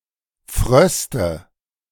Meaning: nominative/accusative/genitive plural of Frost
- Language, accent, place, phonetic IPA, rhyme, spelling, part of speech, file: German, Germany, Berlin, [ˈfʁœstə], -œstə, Fröste, noun, De-Fröste.ogg